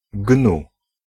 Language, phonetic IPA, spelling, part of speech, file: Polish, [ɡnu], gnu, noun, Pl-gnu.ogg